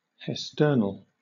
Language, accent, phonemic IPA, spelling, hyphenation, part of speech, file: English, Southern England, /hɛsˈtɜːnl̩/, hesternal, hes‧tern‧al, adjective, LL-Q1860 (eng)-hesternal.wav
- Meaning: Of or pertaining to yesterday